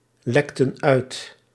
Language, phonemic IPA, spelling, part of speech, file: Dutch, /ˈlɛktə(n) ˈœyt/, lekten uit, verb, Nl-lekten uit.ogg
- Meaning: inflection of uitlekken: 1. plural past indicative 2. plural past subjunctive